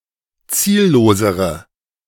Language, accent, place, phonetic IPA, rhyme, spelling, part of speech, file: German, Germany, Berlin, [ˈt͡siːlloːzəʁə], -iːlloːzəʁə, ziellosere, adjective, De-ziellosere.ogg
- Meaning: inflection of ziellos: 1. strong/mixed nominative/accusative feminine singular comparative degree 2. strong nominative/accusative plural comparative degree